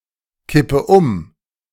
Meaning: inflection of umkippen: 1. first-person singular present 2. first/third-person singular subjunctive I 3. singular imperative
- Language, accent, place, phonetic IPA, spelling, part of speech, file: German, Germany, Berlin, [ˌkɪpə ˈʊm], kippe um, verb, De-kippe um.ogg